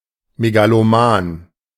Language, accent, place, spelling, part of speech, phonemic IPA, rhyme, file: German, Germany, Berlin, megaloman, adjective, /meɡaloˈmaːn/, -aːn, De-megaloman.ogg
- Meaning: megalomaniacal